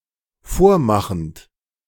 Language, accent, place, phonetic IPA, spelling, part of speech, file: German, Germany, Berlin, [ˈfoːɐ̯ˌmaxn̩t], vormachend, verb, De-vormachend.ogg
- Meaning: present participle of vormachen